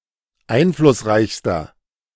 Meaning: inflection of einflussreich: 1. strong/mixed nominative masculine singular superlative degree 2. strong genitive/dative feminine singular superlative degree
- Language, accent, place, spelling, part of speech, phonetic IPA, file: German, Germany, Berlin, einflussreichster, adjective, [ˈaɪ̯nflʊsˌʁaɪ̯çstɐ], De-einflussreichster.ogg